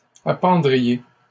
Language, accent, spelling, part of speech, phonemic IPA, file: French, Canada, appendriez, verb, /a.pɑ̃.dʁi.je/, LL-Q150 (fra)-appendriez.wav
- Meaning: second-person plural conditional of appendre